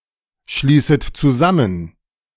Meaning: first/second/third-person plural subjunctive I of zusammenschließen
- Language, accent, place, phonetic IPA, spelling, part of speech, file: German, Germany, Berlin, [ˌʃliːsət t͡suˈzamən], schließet zusammen, verb, De-schließet zusammen.ogg